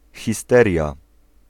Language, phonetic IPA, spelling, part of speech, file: Polish, [xʲiˈstɛrʲja], histeria, noun, Pl-histeria.ogg